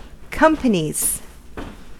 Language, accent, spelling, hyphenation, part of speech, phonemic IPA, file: English, US, companies, com‧pa‧nies, noun / verb, /ˈkʌmpəniz/, En-us-companies.ogg
- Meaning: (noun) 1. plural of company 2. plural of companie; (verb) third-person singular simple present indicative of company